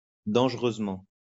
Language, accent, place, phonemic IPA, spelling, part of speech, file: French, France, Lyon, /dɑ̃ʒ.ʁøz.mɑ̃/, dangereusement, adverb, LL-Q150 (fra)-dangereusement.wav
- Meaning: dangerously